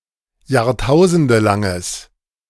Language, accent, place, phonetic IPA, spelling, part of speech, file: German, Germany, Berlin, [jaːʁˈtaʊ̯zəndəlaŋəs], jahrtausendelanges, adjective, De-jahrtausendelanges.ogg
- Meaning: strong/mixed nominative/accusative neuter singular of jahrtausendelang